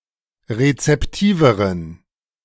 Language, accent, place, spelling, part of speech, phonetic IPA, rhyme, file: German, Germany, Berlin, rezeptiveren, adjective, [ʁet͡sɛpˈtiːvəʁən], -iːvəʁən, De-rezeptiveren.ogg
- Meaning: inflection of rezeptiv: 1. strong genitive masculine/neuter singular comparative degree 2. weak/mixed genitive/dative all-gender singular comparative degree